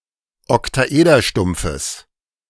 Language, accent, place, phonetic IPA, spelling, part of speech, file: German, Germany, Berlin, [ɔktaˈʔeːdɐˌʃtʊmp͡fəs], Oktaederstumpfes, noun, De-Oktaederstumpfes.ogg
- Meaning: genitive singular of Oktaederstumpf